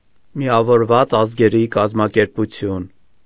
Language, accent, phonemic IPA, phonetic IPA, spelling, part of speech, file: Armenian, Eastern Armenian, /miɑvoɾˈvɑt͡s ɑzɡeˈɾi kɑzmɑkeɾpuˈtʰjun/, [mi(j)ɑvoɾvɑ́t͡s ɑzɡeɾí kɑzmɑkeɾput͡sʰjún], Միավորված ազգերի կազմակերպություն, proper noun, Hy-Միավորված ազգերի կազմակերպություն.ogg
- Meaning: United Nations